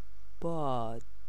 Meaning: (noun) 1. wind 2. air 3. inflammation; swelling 4. windiness 5. pride; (verb) Third-person singular present optative of بودن (budan)
- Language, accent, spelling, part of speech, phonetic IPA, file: Persian, Iran, باد, noun / verb, [bɒːd̪̥], Fa-باد.ogg